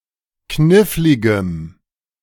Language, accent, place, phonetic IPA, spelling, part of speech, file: German, Germany, Berlin, [ˈknɪflɪɡəm], kniffligem, adjective, De-kniffligem.ogg
- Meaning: strong dative masculine/neuter singular of knifflig